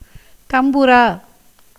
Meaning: tanpura, a four-stringed instrument
- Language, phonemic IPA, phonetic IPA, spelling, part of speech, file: Tamil, /t̪ɐmbʊɾɑː/, [t̪ɐmbʊɾäː], தம்புரா, noun, Ta-தம்புரா.ogg